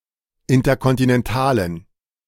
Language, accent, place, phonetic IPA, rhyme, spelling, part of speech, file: German, Germany, Berlin, [ˌɪntɐkɔntinɛnˈtaːlən], -aːlən, interkontinentalen, adjective, De-interkontinentalen.ogg
- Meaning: inflection of interkontinental: 1. strong genitive masculine/neuter singular 2. weak/mixed genitive/dative all-gender singular 3. strong/weak/mixed accusative masculine singular